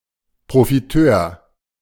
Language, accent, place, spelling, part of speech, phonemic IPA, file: German, Germany, Berlin, Profiteur, noun, /pʁofiˈtøːɐ̯/, De-Profiteur.ogg
- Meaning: profiteer